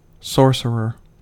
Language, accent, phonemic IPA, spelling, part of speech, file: English, US, /ˈsoɹ.sɚ.ɚ/, sorcerer, noun, En-us-sorcerer.ogg
- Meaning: 1. A magician or wizard. Sometimes specifically male 2. A person whose skills or abilities appear almost magical